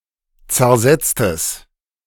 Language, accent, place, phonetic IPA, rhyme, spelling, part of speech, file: German, Germany, Berlin, [t͡sɛɐ̯ˈzɛt͡stəs], -ɛt͡stəs, zersetztes, adjective, De-zersetztes.ogg
- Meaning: strong/mixed nominative/accusative neuter singular of zersetzt